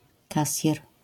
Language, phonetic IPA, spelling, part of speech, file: Polish, [ˈkasʲjɛr], kasjer, noun, LL-Q809 (pol)-kasjer.wav